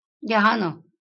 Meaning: 1. meditation 2. attention
- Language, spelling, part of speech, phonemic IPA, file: Marathi, ध्यान, noun, /d̪ʱjan/, LL-Q1571 (mar)-ध्यान.wav